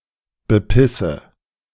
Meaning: inflection of bepissen: 1. first-person singular present 2. first/third-person singular subjunctive I 3. singular imperative
- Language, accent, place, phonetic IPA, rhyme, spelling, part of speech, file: German, Germany, Berlin, [bəˈpɪsə], -ɪsə, bepisse, verb, De-bepisse.ogg